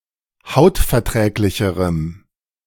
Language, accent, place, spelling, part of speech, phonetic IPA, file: German, Germany, Berlin, hautverträglicherem, adjective, [ˈhaʊ̯tfɛɐ̯ˌtʁɛːklɪçəʁəm], De-hautverträglicherem.ogg
- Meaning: strong dative masculine/neuter singular comparative degree of hautverträglich